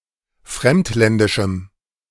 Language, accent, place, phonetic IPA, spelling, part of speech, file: German, Germany, Berlin, [ˈfʁɛmtˌlɛndɪʃm̩], fremdländischem, adjective, De-fremdländischem.ogg
- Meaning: strong dative masculine/neuter singular of fremdländisch